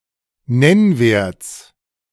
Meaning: genitive singular of Nennwert
- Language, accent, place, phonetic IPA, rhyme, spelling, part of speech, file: German, Germany, Berlin, [ˈnɛnˌveːɐ̯t͡s], -ɛnveːɐ̯t͡s, Nennwerts, noun, De-Nennwerts.ogg